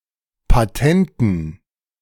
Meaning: inflection of patent: 1. strong genitive masculine/neuter singular 2. weak/mixed genitive/dative all-gender singular 3. strong/weak/mixed accusative masculine singular 4. strong dative plural
- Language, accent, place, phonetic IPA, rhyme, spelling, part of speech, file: German, Germany, Berlin, [paˈtɛntn̩], -ɛntn̩, patenten, adjective, De-patenten.ogg